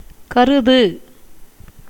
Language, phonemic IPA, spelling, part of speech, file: Tamil, /kɐɾʊd̪ɯ/, கருது, verb, Ta-கருது.ogg
- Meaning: 1. to think, consider, suppose, have an opinion 2. to intend, purpose